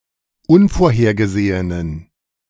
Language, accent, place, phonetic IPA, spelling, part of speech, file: German, Germany, Berlin, [ˈʊnfoːɐ̯heːɐ̯ɡəˌzeːənən], unvorhergesehenen, adjective, De-unvorhergesehenen.ogg
- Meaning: inflection of unvorhergesehen: 1. strong genitive masculine/neuter singular 2. weak/mixed genitive/dative all-gender singular 3. strong/weak/mixed accusative masculine singular 4. strong dative plural